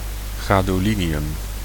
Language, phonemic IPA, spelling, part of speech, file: Dutch, /ɣadoˈlinijʏm/, gadolinium, noun, Nl-gadolinium.ogg
- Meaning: gadolinium